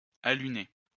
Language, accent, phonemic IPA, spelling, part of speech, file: French, France, /a.ly.ne/, aluner, verb, LL-Q150 (fra)-aluner.wav
- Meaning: 1. to alum 2. synonym of alunir: to land on the Moon